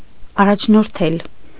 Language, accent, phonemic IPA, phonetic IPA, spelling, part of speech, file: Armenian, Eastern Armenian, /ɑrɑt͡ʃʰnoɾˈtʰel/, [ɑrɑt͡ʃʰnoɾtʰél], առաջնորդել, verb, Hy-առաջնորդել.ogg
- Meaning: to lead, to guide